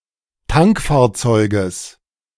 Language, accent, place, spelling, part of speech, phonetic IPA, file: German, Germany, Berlin, Tankfahrzeuges, noun, [ˈtaŋkfaːɐ̯ˌt͡sɔɪ̯ɡəs], De-Tankfahrzeuges.ogg
- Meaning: genitive singular of Tankfahrzeug